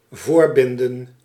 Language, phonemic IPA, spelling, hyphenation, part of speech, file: Dutch, /ˈvoːrˌbɪn.də(n)/, voorbinden, voor‧bin‧den, verb, Nl-voorbinden.ogg
- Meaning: to fasten before someone or something